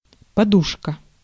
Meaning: pillow, cushion
- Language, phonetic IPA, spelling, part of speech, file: Russian, [pɐˈduʂkə], подушка, noun, Ru-подушка.ogg